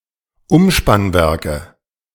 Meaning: nominative/accusative/genitive plural of Umspannwerk
- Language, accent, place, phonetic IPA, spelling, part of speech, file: German, Germany, Berlin, [ˈʊmʃpanˌvɛʁkə], Umspannwerke, noun, De-Umspannwerke.ogg